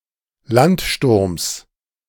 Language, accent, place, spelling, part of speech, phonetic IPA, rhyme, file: German, Germany, Berlin, Landsturms, noun, [ˈlantˌʃtʊʁms], -antʃtʊʁms, De-Landsturms.ogg
- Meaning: genitive singular of Landsturm